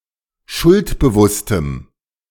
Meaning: strong dative masculine/neuter singular of schuldbewusst
- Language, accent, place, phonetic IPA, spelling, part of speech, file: German, Germany, Berlin, [ˈʃʊltbəˌvʊstəm], schuldbewusstem, adjective, De-schuldbewusstem.ogg